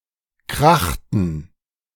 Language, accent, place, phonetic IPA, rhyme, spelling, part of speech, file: German, Germany, Berlin, [ˈkʁaxtn̩], -axtn̩, krachten, verb, De-krachten.ogg
- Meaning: inflection of krachen: 1. first/third-person plural preterite 2. first/third-person plural subjunctive II